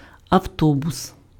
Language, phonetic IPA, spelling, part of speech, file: Ukrainian, [ɐu̯ˈtɔbʊs], автобус, noun, Uk-автобус.ogg
- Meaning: bus, motorbus